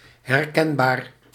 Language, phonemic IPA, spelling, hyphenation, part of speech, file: Dutch, /ˌɦɛrˈkɛn.baːr/, herkenbaar, her‧ken‧baar, adjective, Nl-herkenbaar.ogg
- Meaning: recognizable